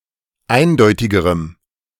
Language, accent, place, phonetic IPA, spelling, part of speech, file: German, Germany, Berlin, [ˈaɪ̯nˌdɔɪ̯tɪɡəʁəm], eindeutigerem, adjective, De-eindeutigerem.ogg
- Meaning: strong dative masculine/neuter singular comparative degree of eindeutig